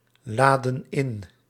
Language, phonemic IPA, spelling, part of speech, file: Dutch, /ˈladə(n) ˈɪn/, laden in, verb, Nl-laden in.ogg
- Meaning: inflection of inladen: 1. plural present indicative 2. plural present subjunctive